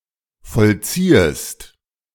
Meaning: second-person singular subjunctive I of vollziehen
- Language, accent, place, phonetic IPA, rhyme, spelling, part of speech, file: German, Germany, Berlin, [fɔlˈt͡siːəst], -iːəst, vollziehest, verb, De-vollziehest.ogg